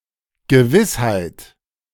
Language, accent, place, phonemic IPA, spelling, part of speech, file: German, Germany, Berlin, /ɡəˈvɪshaɪ̯t/, Gewissheit, noun, De-Gewissheit.ogg
- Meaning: certainty